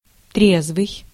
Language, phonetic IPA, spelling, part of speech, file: Russian, [ˈtrʲezvɨj], трезвый, adjective, Ru-трезвый.ogg
- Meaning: sober